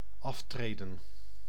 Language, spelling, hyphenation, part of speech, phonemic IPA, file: Dutch, aftreden, af‧tre‧den, verb, /ˈɑftreːdə(n)/, Nl-aftreden.ogg
- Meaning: 1. to resign, abdicate 2. to step down, to walk downward 3. to walk away 4. to complete traversing (a given distance)